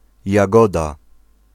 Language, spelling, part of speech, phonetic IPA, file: Polish, Jagoda, proper noun, [jaˈɡɔda], Pl-Jagoda.ogg